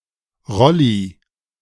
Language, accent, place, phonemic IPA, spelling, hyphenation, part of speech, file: German, Germany, Berlin, /ˈʁɔli/, Rolli, Rol‧li, noun / proper noun, De-Rolli.ogg
- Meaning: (noun) 1. a wheelchair 2. a wheelchair: a wheelchair user 3. a turtleneck sweater; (proper noun) a diminutive of the male given name Roland